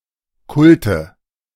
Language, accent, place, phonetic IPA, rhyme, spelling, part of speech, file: German, Germany, Berlin, [ˈkʊltə], -ʊltə, Kulte, noun, De-Kulte.ogg
- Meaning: nominative/accusative/genitive plural of Kult